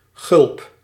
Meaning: fly; opening in a man's pants to facilitate relieving himself
- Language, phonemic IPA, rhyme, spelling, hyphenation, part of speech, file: Dutch, /ɣʏlp/, -ʏlp, gulp, gulp, noun, Nl-gulp.ogg